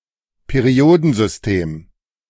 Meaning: periodic table
- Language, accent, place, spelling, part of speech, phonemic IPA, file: German, Germany, Berlin, Periodensystem, noun, /ˈpeː.ri.oː.dənˌzʏs.tɛm/, De-Periodensystem.ogg